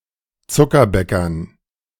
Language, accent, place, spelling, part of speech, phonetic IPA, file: German, Germany, Berlin, Zuckerbäckern, noun, [ˈt͡sʊkɐˌbɛkɐn], De-Zuckerbäckern.ogg
- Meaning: dative plural of Zuckerbäcker